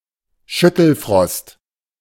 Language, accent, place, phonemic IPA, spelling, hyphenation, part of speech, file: German, Germany, Berlin, /ˈʃʏtl̩ˌfʁɔst/, Schüttelfrost, Schüt‧tel‧frost, noun, De-Schüttelfrost.ogg
- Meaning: chills